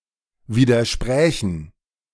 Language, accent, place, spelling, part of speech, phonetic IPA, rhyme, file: German, Germany, Berlin, widersprächen, verb, [ˌviːdɐˈʃpʁɛːçn̩], -ɛːçn̩, De-widersprächen.ogg
- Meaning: first/third-person plural subjunctive II of widersprechen